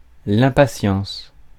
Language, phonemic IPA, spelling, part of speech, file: French, /ɛ̃.pa.sjɑ̃s/, impatience, noun, Fr-impatience.ogg
- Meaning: impatience (the quality of being impatient; lacking patience; restlessness and intolerance of delays; anxiety and eagerness, especially to begin something)